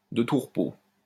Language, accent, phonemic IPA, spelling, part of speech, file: French, France, /də tu ʁ(ə).po/, de tout repos, adjective, LL-Q150 (fra)-de tout repos.wav
- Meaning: relaxing, restful